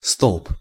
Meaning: post, pole, pillar, column
- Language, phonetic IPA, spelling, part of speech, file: Russian, [stoɫp], столб, noun, Ru-столб.ogg